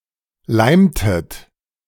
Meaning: inflection of leimen: 1. second-person plural preterite 2. second-person plural subjunctive II
- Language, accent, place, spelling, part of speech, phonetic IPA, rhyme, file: German, Germany, Berlin, leimtet, verb, [ˈlaɪ̯mtət], -aɪ̯mtət, De-leimtet.ogg